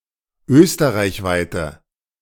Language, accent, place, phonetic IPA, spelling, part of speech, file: German, Germany, Berlin, [ˈøːstəʁaɪ̯çˌvaɪ̯tə], österreichweite, adjective, De-österreichweite.ogg
- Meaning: inflection of österreichweit: 1. strong/mixed nominative/accusative feminine singular 2. strong nominative/accusative plural 3. weak nominative all-gender singular